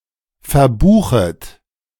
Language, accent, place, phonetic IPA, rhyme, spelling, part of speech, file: German, Germany, Berlin, [fɛɐ̯ˈbuːxət], -uːxət, verbuchet, verb, De-verbuchet.ogg
- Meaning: second-person plural subjunctive I of verbuchen